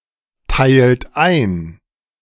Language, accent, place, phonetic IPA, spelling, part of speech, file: German, Germany, Berlin, [ˌtaɪ̯lt ˈaɪ̯n], teilt ein, verb, De-teilt ein.ogg
- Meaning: inflection of einteilen: 1. third-person singular present 2. second-person plural present 3. plural imperative